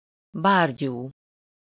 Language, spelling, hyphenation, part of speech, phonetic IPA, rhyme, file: Hungarian, bárgyú, bár‧gyú, adjective, [ˈbaːrɟuː], -ɟuː, Hu-bárgyú.ogg
- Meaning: 1. idiotic, imbecile, stupid (characterized by dullness of mind, slow thinking along with well-meaning foolishness) 2. stupid, dumb